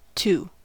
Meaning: 1. Likewise 2. Also, in addition marks a statement as equally valid as the preceding one
- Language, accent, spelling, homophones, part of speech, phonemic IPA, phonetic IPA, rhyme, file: English, US, too, two / to, adverb, /tu/, [tʰu̟], -uː, En-us-too.ogg